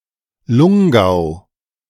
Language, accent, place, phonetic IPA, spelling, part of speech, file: German, Germany, Berlin, [ˈlʊŋˌɡaʊ̯], Lungau, proper noun, De-Lungau.ogg
- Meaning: a geographic region congruent with the political district of Tamsweg in Austria